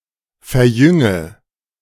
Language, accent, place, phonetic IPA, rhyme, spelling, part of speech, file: German, Germany, Berlin, [fɛɐ̯ˈjʏŋə], -ʏŋə, verjünge, verb, De-verjünge.ogg
- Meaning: inflection of verjüngen: 1. first-person singular present 2. singular imperative 3. first/third-person singular subjunctive I